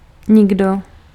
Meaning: no one, nobody
- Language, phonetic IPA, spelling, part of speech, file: Czech, [ˈɲɪɡdo], nikdo, pronoun, Cs-nikdo.ogg